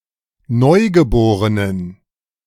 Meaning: inflection of neugeboren: 1. strong genitive masculine/neuter singular 2. weak/mixed genitive/dative all-gender singular 3. strong/weak/mixed accusative masculine singular 4. strong dative plural
- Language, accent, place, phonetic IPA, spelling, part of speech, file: German, Germany, Berlin, [ˈnɔɪ̯ɡəˌboːʁənən], neugeborenen, adjective, De-neugeborenen.ogg